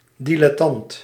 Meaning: 1. dilettante 2. amateur
- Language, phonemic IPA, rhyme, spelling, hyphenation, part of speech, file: Dutch, /ˌdi.lɛˈtɑnt/, -ɑnt, dilettant, di‧let‧tant, noun, Nl-dilettant.ogg